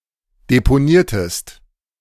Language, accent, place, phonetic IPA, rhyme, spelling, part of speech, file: German, Germany, Berlin, [depoˈniːɐ̯təst], -iːɐ̯təst, deponiertest, verb, De-deponiertest.ogg
- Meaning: inflection of deponieren: 1. second-person singular preterite 2. second-person singular subjunctive II